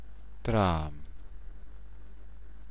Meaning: dream
- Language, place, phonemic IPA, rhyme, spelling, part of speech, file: German, Bavaria, /tʁaʊ̯m/, -aʊ̯m, Traum, noun, BY-Traum.ogg